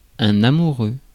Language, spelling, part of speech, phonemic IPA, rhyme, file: French, amoureux, adjective / noun, /a.mu.ʁø/, -ø, Fr-amoureux.ogg
- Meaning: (adjective) 1. love 2. in love; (noun) lover (one who romantically loves a person)